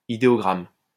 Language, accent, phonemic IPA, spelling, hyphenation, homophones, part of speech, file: French, France, /i.de.ɔ.ɡʁam/, idéogramme, i‧dé‧o‧gramme, idéogrammes, noun, LL-Q150 (fra)-idéogramme.wav
- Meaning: ideogram